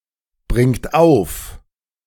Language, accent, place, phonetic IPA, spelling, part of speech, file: German, Germany, Berlin, [ˌbʁɪŋt ˈaʊ̯f], bringt auf, verb, De-bringt auf.ogg
- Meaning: inflection of aufbringen: 1. third-person singular present 2. second-person plural present 3. plural imperative